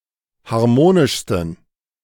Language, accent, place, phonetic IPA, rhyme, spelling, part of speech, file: German, Germany, Berlin, [haʁˈmoːnɪʃstn̩], -oːnɪʃstn̩, harmonischsten, adjective, De-harmonischsten.ogg
- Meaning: 1. superlative degree of harmonisch 2. inflection of harmonisch: strong genitive masculine/neuter singular superlative degree